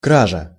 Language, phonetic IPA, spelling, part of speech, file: Russian, [ˈkraʐə], кража, noun, Ru-кража.ogg
- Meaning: theft, larceny